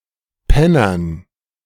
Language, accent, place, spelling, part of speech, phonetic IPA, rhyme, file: German, Germany, Berlin, Pennern, noun, [ˈpɛnɐn], -ɛnɐn, De-Pennern.ogg
- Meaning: dative plural of Penner